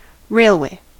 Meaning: 1. A transport system using rails used to move passengers or goods 2. A track, consisting of parallel rails, over which wheeled vehicles such as trains may travel
- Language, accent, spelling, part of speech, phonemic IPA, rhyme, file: English, US, railway, noun, /ˈɹeɪlˌweɪ/, -eɪlweɪ, En-us-railway.ogg